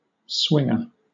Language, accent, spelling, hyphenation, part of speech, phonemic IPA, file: English, Southern England, swinger, swing‧er, noun, /ˈswɪŋə/, LL-Q1860 (eng)-swinger.wav
- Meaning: 1. One who swings 2. A person who practices swinging (sex with different partners) 3. A bet in which the bettor must correctly pick two runners to finish in any of the places in any order